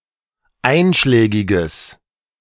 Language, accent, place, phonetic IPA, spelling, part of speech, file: German, Germany, Berlin, [ˈaɪ̯nʃlɛːɡɪɡəs], einschlägiges, adjective, De-einschlägiges.ogg
- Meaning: strong/mixed nominative/accusative neuter singular of einschlägig